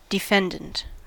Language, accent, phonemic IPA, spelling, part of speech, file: English, US, /dɪˈfɛnd.ənt/, defendant, adjective / noun, En-us-defendant.ogg
- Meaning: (adjective) Serving, or suitable, for defense; defensive, defending